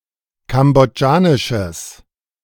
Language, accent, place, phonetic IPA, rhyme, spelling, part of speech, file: German, Germany, Berlin, [ˌkamboˈd͡ʒaːnɪʃəs], -aːnɪʃəs, kambodschanisches, adjective, De-kambodschanisches.ogg
- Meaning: strong/mixed nominative/accusative neuter singular of kambodschanisch